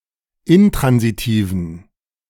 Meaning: inflection of intransitiv: 1. strong genitive masculine/neuter singular 2. weak/mixed genitive/dative all-gender singular 3. strong/weak/mixed accusative masculine singular 4. strong dative plural
- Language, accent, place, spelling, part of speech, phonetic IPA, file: German, Germany, Berlin, intransitiven, adjective, [ˈɪntʁanziˌtiːvn̩], De-intransitiven.ogg